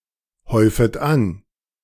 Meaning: second-person plural subjunctive I of anhäufen
- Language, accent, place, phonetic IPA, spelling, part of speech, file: German, Germany, Berlin, [ˌhɔɪ̯fət ˈan], häufet an, verb, De-häufet an.ogg